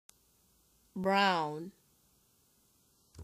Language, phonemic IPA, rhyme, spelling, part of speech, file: English, /bɹaʊn/, -aʊn, Brown, proper noun / noun / adjective, En-Brown.ogg
- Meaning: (proper noun) 1. A surname 2. A surname.: An English and Scottish surname transferred from the nickname 3. A surname.: An Irish surname of Anglo-Norman origin, a translation of de Brún